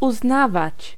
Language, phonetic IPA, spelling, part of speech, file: Polish, [uzˈnavat͡ɕ], uznawać, verb, Pl-uznawać.ogg